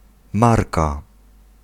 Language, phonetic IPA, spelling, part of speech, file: Polish, [ˈmarka], marka, noun, Pl-marka.ogg